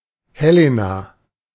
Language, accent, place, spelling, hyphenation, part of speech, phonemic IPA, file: German, Germany, Berlin, Helena, He‧le‧na, proper noun, /ˈhɛlena/, De-Helena.ogg
- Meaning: 1. Helen 2. a female given name of rare usage, variant of Helene